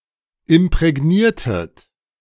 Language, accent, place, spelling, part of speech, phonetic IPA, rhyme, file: German, Germany, Berlin, imprägniertet, verb, [ɪmpʁɛˈɡniːɐ̯tət], -iːɐ̯tət, De-imprägniertet.ogg
- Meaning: inflection of imprägnieren: 1. second-person plural preterite 2. second-person plural subjunctive II